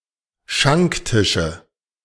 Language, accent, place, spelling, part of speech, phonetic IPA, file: German, Germany, Berlin, Schanktische, noun, [ˈʃaŋkˌtɪʃə], De-Schanktische.ogg
- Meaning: nominative/accusative/genitive plural of Schanktisch